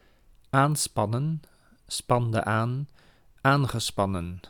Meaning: 1. to stretch, to apply tension to 2. to put (animals) before a cart or carriage 3. to launch, to start (a trial or lawsuit)
- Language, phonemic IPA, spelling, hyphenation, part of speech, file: Dutch, /ˈaːnˌspɑ.nə(n)/, aanspannen, aan‧span‧nen, verb, Nl-aanspannen.ogg